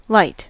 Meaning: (noun) Electromagnetic radiation in the wavelength range visible to the human eye (about 400–750 nanometers): visible light
- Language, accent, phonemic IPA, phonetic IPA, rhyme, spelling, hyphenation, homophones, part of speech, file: English, US, /laɪt/, [ləjt], -aɪt, light, light, lite, noun / verb / adjective / adverb, En-us-light.ogg